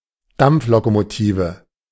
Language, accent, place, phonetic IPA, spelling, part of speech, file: German, Germany, Berlin, [ˈdamp͡flokomoˌtiːvə], Dampflokomotive, noun, De-Dampflokomotive.ogg
- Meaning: steam locomotive